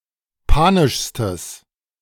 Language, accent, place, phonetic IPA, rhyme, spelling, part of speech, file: German, Germany, Berlin, [ˈpaːnɪʃstəs], -aːnɪʃstəs, panischstes, adjective, De-panischstes.ogg
- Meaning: strong/mixed nominative/accusative neuter singular superlative degree of panisch